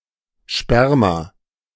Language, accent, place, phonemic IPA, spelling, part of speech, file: German, Germany, Berlin, /ʃpɛɐ̯ma/, Sperma, noun, De-Sperma.ogg
- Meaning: sperm (semen; male reproductory fluid)